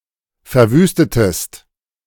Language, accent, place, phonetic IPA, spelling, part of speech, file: German, Germany, Berlin, [fɛɐ̯ˈvyːstətəst], verwüstetest, verb, De-verwüstetest.ogg
- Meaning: inflection of verwüsten: 1. second-person singular preterite 2. second-person singular subjunctive II